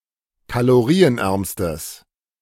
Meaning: strong/mixed nominative/accusative neuter singular superlative degree of kalorienarm
- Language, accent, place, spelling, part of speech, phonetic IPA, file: German, Germany, Berlin, kalorienärmstes, adjective, [kaloˈʁiːənˌʔɛʁmstəs], De-kalorienärmstes.ogg